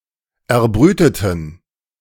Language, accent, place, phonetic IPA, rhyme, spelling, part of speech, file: German, Germany, Berlin, [ɛɐ̯ˈbʁyːtətn̩], -yːtətn̩, erbrüteten, adjective / verb, De-erbrüteten.ogg
- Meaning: inflection of erbrüten: 1. first/third-person plural preterite 2. first/third-person plural subjunctive II